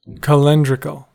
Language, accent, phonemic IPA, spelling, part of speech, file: English, US, /kəˈlɛndɹɪkl̩/, calendrical, adjective, En-us-calendrical.ogg
- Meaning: Of, pertaining to, or used by a calendar system